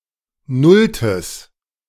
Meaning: strong/mixed nominative/accusative neuter singular of nullte
- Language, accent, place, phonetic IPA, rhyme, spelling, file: German, Germany, Berlin, [ˈnʊltəs], -ʊltəs, nulltes, De-nulltes.ogg